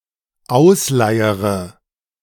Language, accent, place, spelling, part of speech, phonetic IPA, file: German, Germany, Berlin, ausleiere, verb, [ˈaʊ̯sˌlaɪ̯əʁə], De-ausleiere.ogg
- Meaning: inflection of ausleiern: 1. first-person singular dependent present 2. first/third-person singular dependent subjunctive I